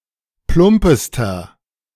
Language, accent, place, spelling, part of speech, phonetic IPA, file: German, Germany, Berlin, plumpester, adjective, [ˈplʊmpəstɐ], De-plumpester.ogg
- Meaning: inflection of plump: 1. strong/mixed nominative masculine singular superlative degree 2. strong genitive/dative feminine singular superlative degree 3. strong genitive plural superlative degree